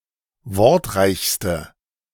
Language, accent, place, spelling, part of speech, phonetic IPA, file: German, Germany, Berlin, wortreichste, adjective, [ˈvɔʁtˌʁaɪ̯çstə], De-wortreichste.ogg
- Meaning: inflection of wortreich: 1. strong/mixed nominative/accusative feminine singular superlative degree 2. strong nominative/accusative plural superlative degree